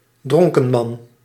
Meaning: male drunk, drunkard
- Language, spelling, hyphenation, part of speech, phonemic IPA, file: Dutch, dronkenman, dron‧ken‧man, noun, /ˈdrɔŋ.kəˌmɑn/, Nl-dronkenman.ogg